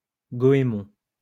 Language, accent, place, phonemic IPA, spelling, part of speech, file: French, France, Lyon, /ɡɔ.e.mɔ̃/, goémon, noun, LL-Q150 (fra)-goémon.wav
- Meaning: 1. wrack (seaweed) 2. kelp